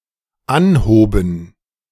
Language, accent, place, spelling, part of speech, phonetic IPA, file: German, Germany, Berlin, anhoben, verb, [ˈanˌhoːbn̩], De-anhoben.ogg
- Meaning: first/third-person plural dependent preterite of anheben